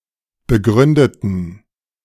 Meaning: inflection of begründet: 1. strong genitive masculine/neuter singular 2. weak/mixed genitive/dative all-gender singular 3. strong/weak/mixed accusative masculine singular 4. strong dative plural
- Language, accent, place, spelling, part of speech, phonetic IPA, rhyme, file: German, Germany, Berlin, begründeten, adjective / verb, [bəˈɡʁʏndətn̩], -ʏndətn̩, De-begründeten.ogg